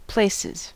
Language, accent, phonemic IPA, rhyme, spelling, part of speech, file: English, US, /ˈpleɪsɪz/, -eɪsɪz, places, noun / verb, En-us-places.ogg
- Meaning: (noun) plural of place; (verb) third-person singular simple present indicative of place